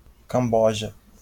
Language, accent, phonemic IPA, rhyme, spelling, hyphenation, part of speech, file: Portuguese, Brazil, /kɐ̃ˈbɔ.ʒɐ/, -ɔʒɐ, Camboja, Cam‧bo‧ja, proper noun, LL-Q5146 (por)-Camboja.wav
- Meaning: Cambodia (a country in Southeast Asia)